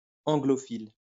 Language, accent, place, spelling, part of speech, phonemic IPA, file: French, France, Lyon, anglophile, adjective / noun, /ɑ̃.ɡlɔ.fil/, LL-Q150 (fra)-anglophile.wav
- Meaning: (adjective) Anglophilic; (noun) Anglophile